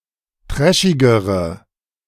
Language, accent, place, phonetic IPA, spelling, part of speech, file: German, Germany, Berlin, [ˈtʁɛʃɪɡəʁə], trashigere, adjective, De-trashigere.ogg
- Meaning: inflection of trashig: 1. strong/mixed nominative/accusative feminine singular comparative degree 2. strong nominative/accusative plural comparative degree